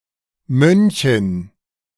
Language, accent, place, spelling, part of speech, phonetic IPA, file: German, Germany, Berlin, Mönchin, noun, [ˈmœnçɪn], De-Mönchin.ogg
- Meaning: nun